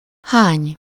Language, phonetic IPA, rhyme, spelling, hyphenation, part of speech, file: Hungarian, [ˈhaːɲ], -aːɲ, hány, hány, pronoun / verb, Hu-hány.ogg
- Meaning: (pronoun) how many?; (verb) 1. to hurl, spout, fling, throw, toss (especially a shapeless, disorderly amount with many small components or pieces) 2. to vomit